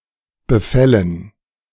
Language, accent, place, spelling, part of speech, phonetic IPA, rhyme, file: German, Germany, Berlin, Befällen, noun, [bəˈfɛlən], -ɛlən, De-Befällen.ogg
- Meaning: dative plural of Befall